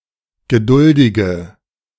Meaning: inflection of geduldig: 1. strong/mixed nominative/accusative feminine singular 2. strong nominative/accusative plural 3. weak nominative all-gender singular
- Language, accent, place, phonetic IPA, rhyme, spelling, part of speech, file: German, Germany, Berlin, [ɡəˈdʊldɪɡə], -ʊldɪɡə, geduldige, adjective, De-geduldige.ogg